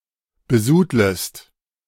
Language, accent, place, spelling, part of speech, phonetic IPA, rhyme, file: German, Germany, Berlin, besudlest, verb, [bəˈzuːdləst], -uːdləst, De-besudlest.ogg
- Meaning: second-person singular subjunctive I of besudeln